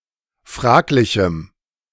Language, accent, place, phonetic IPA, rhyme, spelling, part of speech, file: German, Germany, Berlin, [ˈfʁaːklɪçm̩], -aːklɪçm̩, fraglichem, adjective, De-fraglichem.ogg
- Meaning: strong dative masculine/neuter singular of fraglich